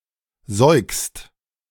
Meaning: second-person singular present of säugen
- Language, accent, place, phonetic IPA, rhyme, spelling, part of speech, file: German, Germany, Berlin, [zɔɪ̯kst], -ɔɪ̯kst, säugst, verb, De-säugst.ogg